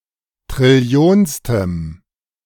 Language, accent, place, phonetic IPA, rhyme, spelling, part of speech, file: German, Germany, Berlin, [tʁɪˈli̯oːnstəm], -oːnstəm, trillionstem, adjective, De-trillionstem.ogg
- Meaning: strong dative masculine/neuter singular of trillionste